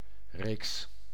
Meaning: 1. a series, a sequence 2. a series of print publications
- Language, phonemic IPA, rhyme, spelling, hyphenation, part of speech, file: Dutch, /reːks/, -eːks, reeks, reeks, noun, Nl-reeks.ogg